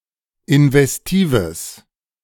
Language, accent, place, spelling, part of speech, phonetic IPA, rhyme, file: German, Germany, Berlin, investives, adjective, [ɪnvɛsˈtiːvəs], -iːvəs, De-investives.ogg
- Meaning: strong/mixed nominative/accusative neuter singular of investiv